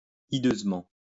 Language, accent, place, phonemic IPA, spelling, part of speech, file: French, France, Lyon, /i.døz.mɑ̃/, hideusement, adverb, LL-Q150 (fra)-hideusement.wav
- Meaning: hideously